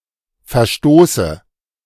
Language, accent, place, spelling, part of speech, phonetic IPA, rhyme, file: German, Germany, Berlin, Verstoße, noun, [fɛɐ̯ˈʃtoːsə], -oːsə, De-Verstoße.ogg
- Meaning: dative of Verstoß